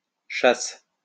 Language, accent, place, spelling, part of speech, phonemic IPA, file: French, France, Lyon, chasses, noun, /ʃas/, LL-Q150 (fra)-chasses.wav
- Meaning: plural of chasse